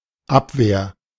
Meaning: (noun) 1. defence 2. repulse 3. counter-intelligence 4. rejection; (proper noun) the Abwehr
- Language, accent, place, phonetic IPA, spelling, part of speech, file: German, Germany, Berlin, [ˈapveːɐ̯], Abwehr, noun / proper noun, De-Abwehr.ogg